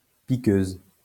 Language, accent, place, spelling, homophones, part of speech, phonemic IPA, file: French, France, Lyon, piqueuse, piqueuses, adjective, /pi.køz/, LL-Q150 (fra)-piqueuse.wav
- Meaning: feminine singular of piqueur